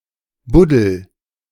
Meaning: inflection of buddeln: 1. first-person singular present 2. singular imperative
- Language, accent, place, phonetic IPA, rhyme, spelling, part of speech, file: German, Germany, Berlin, [ˈbʊdl̩], -ʊdl̩, buddel, verb, De-buddel.ogg